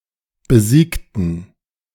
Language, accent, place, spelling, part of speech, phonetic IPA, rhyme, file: German, Germany, Berlin, besiegten, adjective / verb, [bəˈziːktn̩], -iːktn̩, De-besiegten.ogg
- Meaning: inflection of besiegt: 1. strong genitive masculine/neuter singular 2. weak/mixed genitive/dative all-gender singular 3. strong/weak/mixed accusative masculine singular 4. strong dative plural